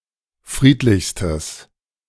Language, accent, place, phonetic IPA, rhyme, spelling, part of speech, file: German, Germany, Berlin, [ˈfʁiːtlɪçstəs], -iːtlɪçstəs, friedlichstes, adjective, De-friedlichstes.ogg
- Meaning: strong/mixed nominative/accusative neuter singular superlative degree of friedlich